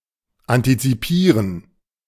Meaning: to anticipate
- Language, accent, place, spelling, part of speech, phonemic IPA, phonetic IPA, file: German, Germany, Berlin, antizipieren, verb, /antitsiˈpiːʁən/, [ʔantʰitsiˈpʰiːɐ̯n], De-antizipieren.ogg